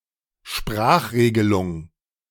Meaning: prescribed usage (an authoritative representation of facts given by an influential institution or person)
- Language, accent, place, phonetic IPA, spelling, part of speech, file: German, Germany, Berlin, [ˈʃpʁaːxˌʁeːɡəlʊŋ], Sprachregelung, noun, De-Sprachregelung.ogg